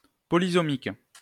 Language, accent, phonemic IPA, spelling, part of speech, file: French, France, /pɔ.li.sɔ.mik/, polysomique, adjective, LL-Q150 (fra)-polysomique.wav
- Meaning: polysomic